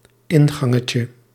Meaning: diminutive of ingang
- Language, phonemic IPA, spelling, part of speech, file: Dutch, /ˈɪŋɣɑŋəcə/, ingangetje, noun, Nl-ingangetje.ogg